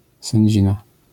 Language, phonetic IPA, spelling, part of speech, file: Polish, [sɛ̃ɲˈd͡ʑĩna], sędzina, noun, LL-Q809 (pol)-sędzina.wav